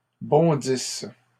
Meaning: inflection of bondir: 1. first/third-person singular present subjunctive 2. first-person singular imperfect subjunctive
- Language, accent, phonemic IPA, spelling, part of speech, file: French, Canada, /bɔ̃.dis/, bondisse, verb, LL-Q150 (fra)-bondisse.wav